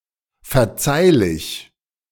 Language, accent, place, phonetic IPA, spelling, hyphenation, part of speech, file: German, Germany, Berlin, [fɛɐ̯ˈt͡saɪ̯lɪç], verzeihlich, ver‧zeih‧lich, adjective, De-verzeihlich.ogg
- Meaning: forgivable